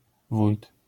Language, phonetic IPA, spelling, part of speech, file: Polish, [vujt], wójt, noun, LL-Q809 (pol)-wójt.wav